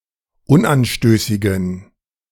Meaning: inflection of unanstößig: 1. strong genitive masculine/neuter singular 2. weak/mixed genitive/dative all-gender singular 3. strong/weak/mixed accusative masculine singular 4. strong dative plural
- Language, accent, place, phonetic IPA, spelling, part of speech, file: German, Germany, Berlin, [ˈʊnʔanˌʃtøːsɪɡn̩], unanstößigen, adjective, De-unanstößigen.ogg